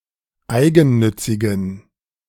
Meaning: inflection of eigennützig: 1. strong genitive masculine/neuter singular 2. weak/mixed genitive/dative all-gender singular 3. strong/weak/mixed accusative masculine singular 4. strong dative plural
- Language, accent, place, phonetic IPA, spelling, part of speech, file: German, Germany, Berlin, [ˈaɪ̯ɡn̩ˌnʏt͡sɪɡn̩], eigennützigen, adjective, De-eigennützigen.ogg